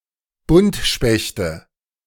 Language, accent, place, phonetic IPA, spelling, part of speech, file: German, Germany, Berlin, [ˈbʊntʃpɛçtə], Buntspechte, noun, De-Buntspechte.ogg
- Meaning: nominative/accusative/genitive plural of Buntspecht